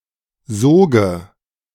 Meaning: nominative/accusative/genitive plural of Sog
- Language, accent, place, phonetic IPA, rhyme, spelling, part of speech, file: German, Germany, Berlin, [ˈzoːɡə], -oːɡə, Soge, noun, De-Soge.ogg